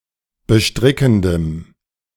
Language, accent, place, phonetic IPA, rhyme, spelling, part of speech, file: German, Germany, Berlin, [bəˈʃtʁɪkn̩dəm], -ɪkn̩dəm, bestrickendem, adjective, De-bestrickendem.ogg
- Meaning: strong dative masculine/neuter singular of bestrickend